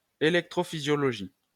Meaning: electrophysiology
- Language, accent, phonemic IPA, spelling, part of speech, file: French, France, /e.lɛk.tʁo.fi.zjɔ.lɔ.ʒi/, électrophysiologie, noun, LL-Q150 (fra)-électrophysiologie.wav